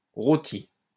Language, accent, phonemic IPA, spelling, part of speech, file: French, France, /ʁo.ti/, rôtie, adjective / noun, LL-Q150 (fra)-rôtie.wav
- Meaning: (adjective) feminine singular of rôti; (noun) toast (bread)